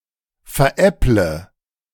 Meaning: inflection of veräppeln: 1. first-person singular present 2. first/third-person singular subjunctive I 3. singular imperative
- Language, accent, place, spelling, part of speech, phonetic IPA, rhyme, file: German, Germany, Berlin, veräpple, verb, [fɛɐ̯ˈʔɛplə], -ɛplə, De-veräpple.ogg